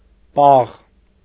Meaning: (adjective) cold; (adverb) coldly; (noun) 1. coldness 2. ice
- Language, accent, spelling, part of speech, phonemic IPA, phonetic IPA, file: Armenian, Eastern Armenian, պաղ, adjective / adverb / noun, /pɑʁ/, [pɑʁ], Hy-պաղ.ogg